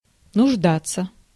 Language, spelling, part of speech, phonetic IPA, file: Russian, нуждаться, verb, [nʊʐˈdat͡sːə], Ru-нуждаться.ogg
- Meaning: 1. to need 2. to be hard up, to be needy